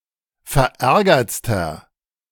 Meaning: inflection of verärgert: 1. strong/mixed nominative masculine singular superlative degree 2. strong genitive/dative feminine singular superlative degree 3. strong genitive plural superlative degree
- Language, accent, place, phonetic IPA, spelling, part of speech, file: German, Germany, Berlin, [fɛɐ̯ˈʔɛʁɡɐt͡stɐ], verärgertster, adjective, De-verärgertster.ogg